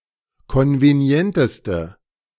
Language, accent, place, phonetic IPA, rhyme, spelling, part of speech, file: German, Germany, Berlin, [ˌkɔnveˈni̯ɛntəstə], -ɛntəstə, konvenienteste, adjective, De-konvenienteste.ogg
- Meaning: inflection of konvenient: 1. strong/mixed nominative/accusative feminine singular superlative degree 2. strong nominative/accusative plural superlative degree